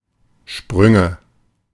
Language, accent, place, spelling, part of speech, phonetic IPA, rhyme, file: German, Germany, Berlin, Sprünge, noun, [ˈʃpʁʏŋə], -ʏŋə, De-Sprünge.ogg
- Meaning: nominative/accusative/genitive plural of Sprung